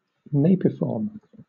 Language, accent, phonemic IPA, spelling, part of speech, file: English, Southern England, /ˈneɪp.ɪ.fɔːm/, napiform, adjective, LL-Q1860 (eng)-napiform.wav
- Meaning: Shaped like a turnip; spherical at the top, but with a tapering bottom